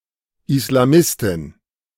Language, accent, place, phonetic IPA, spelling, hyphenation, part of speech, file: German, Germany, Berlin, [ɪslaˈmɪstɪn], Islamistin, Is‧la‧mis‧tin, noun, De-Islamistin.ogg
- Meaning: female equivalent of Islamist